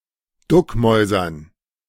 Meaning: to be submissive, to sneak (to hide)
- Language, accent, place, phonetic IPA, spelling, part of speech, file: German, Germany, Berlin, [ˈdʊkmɔɪ̯zɐn], duckmäusern, verb, De-duckmäusern.ogg